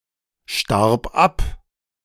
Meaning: first/third-person singular preterite of absterben
- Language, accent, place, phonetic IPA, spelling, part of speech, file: German, Germany, Berlin, [ˌʃtaʁp ˈap], starb ab, verb, De-starb ab.ogg